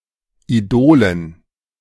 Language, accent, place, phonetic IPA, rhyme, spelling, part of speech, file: German, Germany, Berlin, [iˈdoːlən], -oːlən, Idolen, noun, De-Idolen.ogg
- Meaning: dative plural of Idol